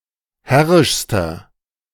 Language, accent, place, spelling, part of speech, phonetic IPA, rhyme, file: German, Germany, Berlin, herrischster, adjective, [ˈhɛʁɪʃstɐ], -ɛʁɪʃstɐ, De-herrischster.ogg
- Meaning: inflection of herrisch: 1. strong/mixed nominative masculine singular superlative degree 2. strong genitive/dative feminine singular superlative degree 3. strong genitive plural superlative degree